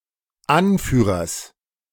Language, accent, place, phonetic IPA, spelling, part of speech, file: German, Germany, Berlin, [ˈanˌfyːʁɐs], Anführers, noun, De-Anführers.ogg
- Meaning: genitive singular of Anführer